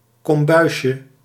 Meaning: diminutive of kombuis
- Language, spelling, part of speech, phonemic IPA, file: Dutch, kombuisje, noun, /kɔmˈbœyʃə/, Nl-kombuisje.ogg